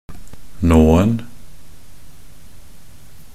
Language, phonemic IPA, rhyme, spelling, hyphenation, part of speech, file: Norwegian Bokmål, /ˈnoːn̩/, -oːn̩, nåen, nå‧en, noun, Nb-nåen.ogg
- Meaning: definite singular of nåe